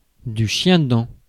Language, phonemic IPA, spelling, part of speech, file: French, /ʃjɛ̃.dɑ̃/, chiendent, noun, Fr-chiendent.ogg
- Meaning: 1. couch grass, quackgrass 2. weed (unwanted plant that is difficult to eradicate)